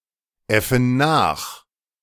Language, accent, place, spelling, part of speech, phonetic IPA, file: German, Germany, Berlin, äffen nach, verb, [ˌɛfn̩ ˈnaːx], De-äffen nach.ogg
- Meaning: inflection of nachäffen: 1. first/third-person plural present 2. first/third-person plural subjunctive I